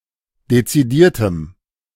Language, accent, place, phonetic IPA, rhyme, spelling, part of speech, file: German, Germany, Berlin, [det͡siˈdiːɐ̯təm], -iːɐ̯təm, dezidiertem, adjective, De-dezidiertem.ogg
- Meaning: strong dative masculine/neuter singular of dezidiert